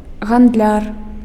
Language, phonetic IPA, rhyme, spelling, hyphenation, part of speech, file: Belarusian, [ɣandˈlʲar], -ar, гандляр, ганд‧ляр, noun, Be-гандляр.ogg
- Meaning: 1. shopkeeper (one who engages in private trade) 2. dealer, merchant, trader 3. sellout (an unprincipled person who trades their conscience, talent, beliefs, etc.)